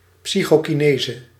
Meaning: psychokinesis
- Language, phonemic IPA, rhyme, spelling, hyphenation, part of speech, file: Dutch, /ˌpsi.xoː.kiˈneː.zə/, -eːzə, psychokinese, psy‧cho‧ki‧ne‧se, noun, Nl-psychokinese.ogg